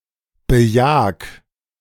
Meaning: 1. singular imperative of bejagen 2. first-person singular present of bejagen
- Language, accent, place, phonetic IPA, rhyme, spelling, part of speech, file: German, Germany, Berlin, [bəˈjaːk], -aːk, bejag, verb, De-bejag.ogg